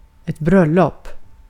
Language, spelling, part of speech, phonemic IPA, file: Swedish, bröllop, noun, /²brœˌlɔp/, Sv-bröllop.ogg
- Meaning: a wedding (ceremony and festivities – compare vigsel)